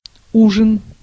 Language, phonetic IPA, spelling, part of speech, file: Russian, [ˈuʐɨn], ужин, noun, Ru-ужин.ogg
- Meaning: supper, late dinner (the evening meal)